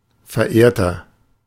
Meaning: 1. comparative degree of verehrt 2. inflection of verehrt: strong/mixed nominative masculine singular 3. inflection of verehrt: strong genitive/dative feminine singular
- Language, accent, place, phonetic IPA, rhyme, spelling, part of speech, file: German, Germany, Berlin, [fɛɐ̯ˈʔeːɐ̯tɐ], -eːɐ̯tɐ, verehrter, adjective, De-verehrter.ogg